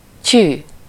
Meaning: wow!
- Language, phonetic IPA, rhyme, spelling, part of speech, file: Hungarian, [ˈcyː], -cyː, tyű, interjection, Hu-tyű.ogg